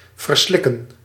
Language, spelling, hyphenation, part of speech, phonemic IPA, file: Dutch, verslikken, ver‧slik‧ken, verb, /vərˈslɪ.kə(n)/, Nl-verslikken.ogg
- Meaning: to choke, to swallow wrong